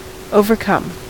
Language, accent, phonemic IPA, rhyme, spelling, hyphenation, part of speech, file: English, US, /ˌoʊ.vəɹˈkʌm/, -ʌm, overcome, o‧ver‧come, verb / noun / adjective, En-us-overcome.ogg
- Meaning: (verb) 1. To surmount (a physical or abstract obstacle); to prevail over, to get the better of 2. To prevail 3. To recover from (a difficulty), to get over